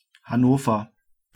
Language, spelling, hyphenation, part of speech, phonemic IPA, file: German, Hannover, Han‧no‧ver, proper noun, /haˈnoːfɐ/, De-Hannover.ogg
- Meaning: 1. the capital and largest city of Lower Saxony, Germany 2. a special district (Kommunalverband besonderer Art) of Lower Saxony; full name Region Hannover